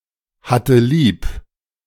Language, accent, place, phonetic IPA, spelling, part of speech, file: German, Germany, Berlin, [ˌhatə ˈliːp], hatte lieb, verb, De-hatte lieb.ogg
- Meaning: first/third-person singular preterite of lieb haben